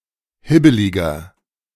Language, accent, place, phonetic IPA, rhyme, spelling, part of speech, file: German, Germany, Berlin, [ˈhɪbəlɪɡɐ], -ɪbəlɪɡɐ, hibbeliger, adjective, De-hibbeliger.ogg
- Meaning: 1. comparative degree of hibbelig 2. inflection of hibbelig: strong/mixed nominative masculine singular 3. inflection of hibbelig: strong genitive/dative feminine singular